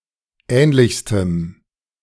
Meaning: strong dative masculine/neuter singular superlative degree of ähnlich
- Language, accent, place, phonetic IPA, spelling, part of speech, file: German, Germany, Berlin, [ˈɛːnlɪçstəm], ähnlichstem, adjective, De-ähnlichstem.ogg